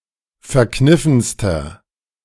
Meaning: inflection of verkniffen: 1. strong/mixed nominative masculine singular superlative degree 2. strong genitive/dative feminine singular superlative degree 3. strong genitive plural superlative degree
- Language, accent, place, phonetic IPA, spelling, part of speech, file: German, Germany, Berlin, [fɛɐ̯ˈknɪfn̩stɐ], verkniffenster, adjective, De-verkniffenster.ogg